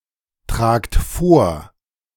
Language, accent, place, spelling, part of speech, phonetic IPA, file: German, Germany, Berlin, tragt vor, verb, [ˌtʁaːkt ˈfoːɐ̯], De-tragt vor.ogg
- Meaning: inflection of vortragen: 1. second-person plural present 2. plural imperative